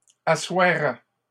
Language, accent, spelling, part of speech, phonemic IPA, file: French, Canada, assoiraient, verb, /a.swa.ʁɛ/, LL-Q150 (fra)-assoiraient.wav
- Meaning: third-person plural conditional of asseoir